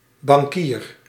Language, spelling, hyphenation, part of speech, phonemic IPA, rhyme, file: Dutch, bankier, ban‧kier, noun / verb, /bɑŋˈkiːr/, -iːr, Nl-bankier.ogg
- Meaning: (noun) banker (person in charge of a bank); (verb) inflection of bankieren: 1. first-person singular present indicative 2. second-person singular present indicative 3. imperative